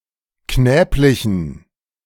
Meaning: inflection of knäblich: 1. strong genitive masculine/neuter singular 2. weak/mixed genitive/dative all-gender singular 3. strong/weak/mixed accusative masculine singular 4. strong dative plural
- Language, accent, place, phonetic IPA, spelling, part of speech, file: German, Germany, Berlin, [ˈknɛːplɪçn̩], knäblichen, adjective, De-knäblichen.ogg